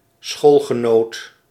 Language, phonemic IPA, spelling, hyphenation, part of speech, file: Dutch, /ˈsxoːl.ɣəˌnoːt/, schoolgenoot, school‧ge‧noot, noun, Nl-schoolgenoot.ogg
- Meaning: schoolmate (somebody who attended the same school)